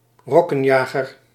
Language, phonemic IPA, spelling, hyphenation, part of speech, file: Dutch, /ˈrɔ.kə(n)ˌjaː.ɣər/, rokkenjager, rok‧ken‧ja‧ger, noun, Nl-rokkenjager.ogg
- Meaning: a womanizer, a skirt chaser, a lady-killer